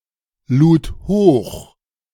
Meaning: first/third-person singular preterite of hochladen
- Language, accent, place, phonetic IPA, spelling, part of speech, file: German, Germany, Berlin, [ˌluːt ˈhoːx], lud hoch, verb, De-lud hoch.ogg